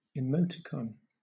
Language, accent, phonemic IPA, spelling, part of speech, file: English, Southern England, /ɪˈməʊtɪˌkɒn/, emoticon, noun, LL-Q1860 (eng)-emoticon.wav